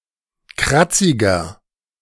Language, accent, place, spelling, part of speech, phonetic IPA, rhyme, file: German, Germany, Berlin, kratziger, adjective, [ˈkʁat͡sɪɡɐ], -at͡sɪɡɐ, De-kratziger.ogg
- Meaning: 1. comparative degree of kratzig 2. inflection of kratzig: strong/mixed nominative masculine singular 3. inflection of kratzig: strong genitive/dative feminine singular